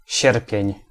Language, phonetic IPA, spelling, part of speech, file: Polish, [ˈɕɛrpʲjɛ̇̃ɲ], sierpień, noun, Pl-sierpień.ogg